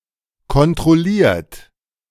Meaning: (verb) past participle of kontrollieren; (adjective) 1. controlled 2. checked, monitored; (verb) inflection of kontrollieren: 1. third-person singular present 2. second-person plural present
- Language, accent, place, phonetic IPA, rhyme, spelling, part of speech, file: German, Germany, Berlin, [kɔntʁɔˈliːɐ̯t], -iːɐ̯t, kontrolliert, adjective / verb, De-kontrolliert.ogg